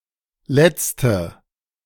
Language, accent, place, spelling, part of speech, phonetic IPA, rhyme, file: German, Germany, Berlin, Letzte, noun, [ˈlɛt͡stə], -ɛt͡stə, De-Letzte.ogg
- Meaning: 1. female equivalent of Letzter: the last woman or girl 2. inflection of Letzter: strong nominative/accusative plural 3. inflection of Letzter: weak nominative singular